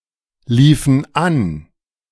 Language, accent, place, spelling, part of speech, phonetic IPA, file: German, Germany, Berlin, liefen an, verb, [ˌliːfn̩ ˈan], De-liefen an.ogg
- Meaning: inflection of anlaufen: 1. first/third-person plural preterite 2. first/third-person plural subjunctive II